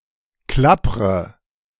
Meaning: inflection of klappern: 1. first-person singular present 2. first/third-person singular subjunctive I 3. singular imperative
- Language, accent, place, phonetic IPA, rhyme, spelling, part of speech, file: German, Germany, Berlin, [ˈklapʁə], -apʁə, klappre, verb, De-klappre.ogg